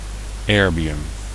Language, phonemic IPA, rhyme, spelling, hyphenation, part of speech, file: Dutch, /ˈɛr.biˌʏm/, -ɛrbiʏm, erbium, er‧bi‧um, noun, Nl-erbium.ogg
- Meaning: erbium